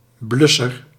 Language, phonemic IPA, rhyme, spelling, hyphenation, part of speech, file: Dutch, /ˈblʏ.sər/, -ʏsər, blusser, blus‧ser, noun, Nl-blusser.ogg
- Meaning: one who extinguished fires, an extinguisher